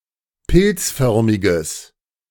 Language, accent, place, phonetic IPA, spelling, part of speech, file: German, Germany, Berlin, [ˈpɪlt͡sˌfœʁmɪɡəs], pilzförmiges, adjective, De-pilzförmiges.ogg
- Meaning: strong/mixed nominative/accusative neuter singular of pilzförmig